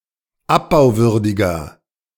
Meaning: inflection of abbauwürdig: 1. strong/mixed nominative masculine singular 2. strong genitive/dative feminine singular 3. strong genitive plural
- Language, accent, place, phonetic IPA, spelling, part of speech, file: German, Germany, Berlin, [ˈapbaʊ̯ˌvʏʁdɪɡɐ], abbauwürdiger, adjective, De-abbauwürdiger.ogg